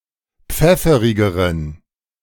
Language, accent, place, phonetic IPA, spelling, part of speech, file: German, Germany, Berlin, [ˈp͡fɛfəʁɪɡəʁən], pfefferigeren, adjective, De-pfefferigeren.ogg
- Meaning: inflection of pfefferig: 1. strong genitive masculine/neuter singular comparative degree 2. weak/mixed genitive/dative all-gender singular comparative degree